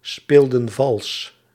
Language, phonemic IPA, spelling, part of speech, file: Dutch, /ˈspeldə(n) ˈvɑls/, speelden vals, verb, Nl-speelden vals.ogg
- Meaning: inflection of valsspelen: 1. plural past indicative 2. plural past subjunctive